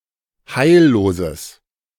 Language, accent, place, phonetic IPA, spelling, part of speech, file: German, Germany, Berlin, [ˈhaɪ̯lloːzəs], heilloses, adjective, De-heilloses.ogg
- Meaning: strong/mixed nominative/accusative neuter singular of heillos